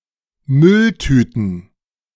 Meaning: plural of Mülltüte
- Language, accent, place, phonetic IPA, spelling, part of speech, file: German, Germany, Berlin, [ˈmʏlˌtyːtn̩], Mülltüten, noun, De-Mülltüten.ogg